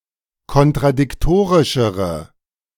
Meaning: inflection of kontradiktorisch: 1. strong/mixed nominative/accusative feminine singular comparative degree 2. strong nominative/accusative plural comparative degree
- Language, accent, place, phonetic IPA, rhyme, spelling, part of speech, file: German, Germany, Berlin, [kɔntʁadɪkˈtoːʁɪʃəʁə], -oːʁɪʃəʁə, kontradiktorischere, adjective, De-kontradiktorischere.ogg